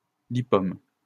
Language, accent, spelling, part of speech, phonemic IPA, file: French, France, lipome, noun, /li.pɔm/, LL-Q150 (fra)-lipome.wav
- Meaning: lipoma